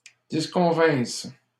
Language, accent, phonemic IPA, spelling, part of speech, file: French, Canada, /dis.kɔ̃.vɛ̃s/, disconvinsses, verb, LL-Q150 (fra)-disconvinsses.wav
- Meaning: second-person singular imperfect subjunctive of disconvenir